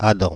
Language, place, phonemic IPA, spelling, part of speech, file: French, Paris, /a.dɑ̃/, Adam, proper noun, Fr-Adam.oga
- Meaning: 1. Adam (biblical figure) 2. a male given name; diminutive forms Adanet, Adenot, Adnet, Adnot